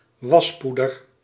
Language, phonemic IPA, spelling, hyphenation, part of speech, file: Dutch, /ˈʋɑsˌpu.dər/, waspoeder, was‧poe‧der, noun, Nl-waspoeder.ogg
- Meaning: washing powder